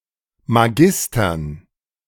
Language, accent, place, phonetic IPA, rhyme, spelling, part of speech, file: German, Germany, Berlin, [maˈɡɪstɐn], -ɪstɐn, Magistern, noun, De-Magistern.ogg
- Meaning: dative plural of Magister